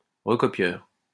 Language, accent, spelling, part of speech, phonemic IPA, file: French, France, recopieur, noun, /ʁə.kɔ.pjœʁ/, LL-Q150 (fra)-recopieur.wav
- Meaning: recopier